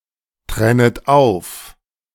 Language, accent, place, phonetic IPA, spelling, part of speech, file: German, Germany, Berlin, [ˌtʁɛnət ˈaʊ̯f], trennet auf, verb, De-trennet auf.ogg
- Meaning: second-person plural subjunctive I of auftrennen